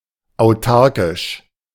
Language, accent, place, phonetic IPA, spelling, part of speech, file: German, Germany, Berlin, [aʊ̯ˈtaʁkɪʃ], autarkisch, adjective, De-autarkisch.ogg
- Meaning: synonym of autark